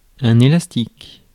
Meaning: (adjective) elastic; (noun) rubber band
- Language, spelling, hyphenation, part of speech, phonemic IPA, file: French, élastique, é‧las‧tique, adjective / noun, /e.las.tik/, Fr-élastique.ogg